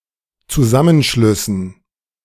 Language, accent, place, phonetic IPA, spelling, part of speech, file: German, Germany, Berlin, [t͡suˈzamənˌʃlʏsn̩], Zusammenschlüssen, noun, De-Zusammenschlüssen.ogg
- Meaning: dative plural of Zusammenschluss